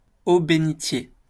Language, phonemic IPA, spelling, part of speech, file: French, /be.ni.tje/, bénitier, noun, LL-Q150 (fra)-bénitier.wav
- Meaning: stoup, holy water font